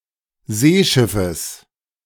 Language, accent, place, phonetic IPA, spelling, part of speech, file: German, Germany, Berlin, [ˈzeːˌʃɪfəs], Seeschiffes, noun, De-Seeschiffes.ogg
- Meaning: genitive singular of Seeschiff